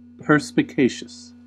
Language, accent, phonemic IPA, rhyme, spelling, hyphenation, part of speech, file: English, US, /ˌpɜːɹ.spɪˈkeɪ.ʃəs/, -eɪʃəs, perspicacious, per‧spi‧ca‧cious, adjective, En-us-perspicacious.ogg
- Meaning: 1. Of acute discernment; having keen insight; mentally perceptive 2. Able to physically see clearly; quick-sighted; sharp-sighted